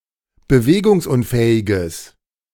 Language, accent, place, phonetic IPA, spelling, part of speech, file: German, Germany, Berlin, [bəˈveːɡʊŋsˌʔʊnfɛːɪɡəs], bewegungsunfähiges, adjective, De-bewegungsunfähiges.ogg
- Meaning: strong/mixed nominative/accusative neuter singular of bewegungsunfähig